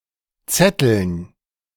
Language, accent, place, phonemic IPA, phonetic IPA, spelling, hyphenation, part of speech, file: German, Germany, Berlin, /ˈtsɛtəln/, [ˈtsɛtl̩n], zetteln, zet‧teln, verb, De-zetteln.ogg
- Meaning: 1. to strew, to scatter 2. to spread out, to separate, to arrange 3. to spread out cut grass or manure 4. to warp a loom